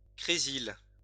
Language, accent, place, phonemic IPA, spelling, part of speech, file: French, France, Lyon, /kʁe.zil/, crésyl, noun, LL-Q150 (fra)-crésyl.wav
- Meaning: tolyl